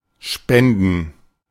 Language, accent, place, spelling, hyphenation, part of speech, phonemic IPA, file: German, Germany, Berlin, spenden, spen‧den, verb, /ˈʃpɛndən/, De-spenden.ogg
- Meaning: 1. to donate, to give as charity 2. To cause the action implied by a noun to take place 3. to provide 4. to administer (a sacrament) 5. to spend generously; to treat to